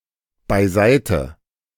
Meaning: 1. alternative form of zur Seite (“aside, to the side”) 2. away; out of one’s way; aside (more forceful, resolute; often figurative) 3. aside (to a place where one can talk in confidence)
- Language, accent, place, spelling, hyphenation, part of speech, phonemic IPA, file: German, Germany, Berlin, beiseite, bei‧sei‧te, adverb, /baɪ̯ˈzaɪ̯tə/, De-beiseite.ogg